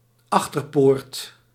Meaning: a postern, a back gate
- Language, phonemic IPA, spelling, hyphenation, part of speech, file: Dutch, /ˈɑx.tərˌpoːrt/, achterpoort, ach‧ter‧poort, noun, Nl-achterpoort.ogg